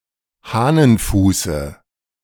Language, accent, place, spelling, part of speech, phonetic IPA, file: German, Germany, Berlin, Hahnenfuße, noun, [ˈhaːnənˌfuːsə], De-Hahnenfuße.ogg
- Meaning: dative singular of Hahnenfuß